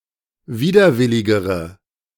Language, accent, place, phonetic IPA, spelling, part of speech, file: German, Germany, Berlin, [ˈviːdɐˌvɪlɪɡəʁə], widerwilligere, adjective, De-widerwilligere.ogg
- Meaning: inflection of widerwillig: 1. strong/mixed nominative/accusative feminine singular comparative degree 2. strong nominative/accusative plural comparative degree